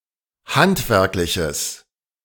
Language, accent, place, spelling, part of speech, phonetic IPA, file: German, Germany, Berlin, handwerkliches, adjective, [ˈhantvɛʁklɪçəs], De-handwerkliches.ogg
- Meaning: strong/mixed nominative/accusative neuter singular of handwerklich